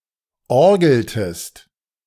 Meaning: inflection of orgeln: 1. second-person singular preterite 2. second-person singular subjunctive II
- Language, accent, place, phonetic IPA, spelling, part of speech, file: German, Germany, Berlin, [ˈɔʁɡl̩təst], orgeltest, verb, De-orgeltest.ogg